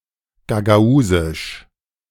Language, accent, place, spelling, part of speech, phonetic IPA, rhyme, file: German, Germany, Berlin, gagausisch, adjective, [ɡaɡaˈuːzɪʃ], -uːzɪʃ, De-gagausisch.ogg
- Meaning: Gagauz (related to Gagauzia, to the Gagauzians or to the Gagauz language)